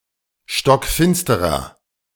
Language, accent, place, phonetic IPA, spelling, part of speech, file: German, Germany, Berlin, [ʃtɔkˈfɪnstəʁɐ], stockfinsterer, adjective, De-stockfinsterer.ogg
- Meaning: inflection of stockfinster: 1. strong/mixed nominative masculine singular 2. strong genitive/dative feminine singular 3. strong genitive plural